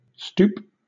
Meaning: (noun) 1. A stooping, bent position of the body 2. An accelerated descent in flight, as that for an attack
- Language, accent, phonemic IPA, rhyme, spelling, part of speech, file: English, Southern England, /stuːp/, -uːp, stoop, noun / verb, LL-Q1860 (eng)-stoop.wav